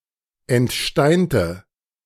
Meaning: inflection of entsteint: 1. strong/mixed nominative/accusative feminine singular 2. strong nominative/accusative plural 3. weak nominative all-gender singular
- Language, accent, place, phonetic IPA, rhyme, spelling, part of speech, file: German, Germany, Berlin, [ɛntˈʃtaɪ̯ntə], -aɪ̯ntə, entsteinte, adjective / verb, De-entsteinte.ogg